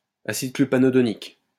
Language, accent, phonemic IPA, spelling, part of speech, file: French, France, /a.sid kly.pa.nɔ.dɔ.nik/, acide clupanodonique, noun, LL-Q150 (fra)-acide clupanodonique.wav
- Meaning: clupanodonic acid